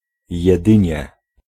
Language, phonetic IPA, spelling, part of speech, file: Polish, [jɛˈdɨ̃ɲɛ], jedynie, particle, Pl-jedynie.ogg